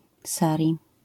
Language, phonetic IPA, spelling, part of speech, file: Polish, [ˈsarʲi], sari, noun, LL-Q809 (pol)-sari.wav